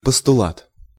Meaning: postulate
- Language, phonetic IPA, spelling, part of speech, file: Russian, [pəstʊˈɫat], постулат, noun, Ru-постулат.ogg